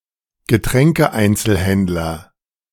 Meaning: a beverage retailer
- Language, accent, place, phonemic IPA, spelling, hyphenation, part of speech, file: German, Germany, Berlin, /ɡəˈtʁɛŋkəˌaɪ̯nt͡səlhɛntlɐ/, Getränkeeinzelhändler, Ge‧trän‧ke‧ein‧zel‧händ‧ler, noun, De-Getränkeeinzelhändler.ogg